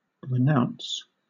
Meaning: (noun) An act of renouncing; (verb) 1. To give up, resign, surrender 2. To cast off, repudiate 3. To decline further association with someone or something, disown
- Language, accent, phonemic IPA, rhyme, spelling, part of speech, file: English, Southern England, /ɹɪˈnaʊns/, -aʊns, renounce, noun / verb, LL-Q1860 (eng)-renounce.wav